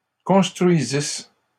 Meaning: second-person singular imperfect subjunctive of construire
- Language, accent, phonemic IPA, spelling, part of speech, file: French, Canada, /kɔ̃s.tʁɥi.zis/, construisisses, verb, LL-Q150 (fra)-construisisses.wav